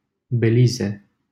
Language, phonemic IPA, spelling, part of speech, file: Romanian, /beˈli.ze/, Belize, proper noun, LL-Q7913 (ron)-Belize.wav
- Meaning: Belize (an English-speaking country in Central America, formerly called British Honduras)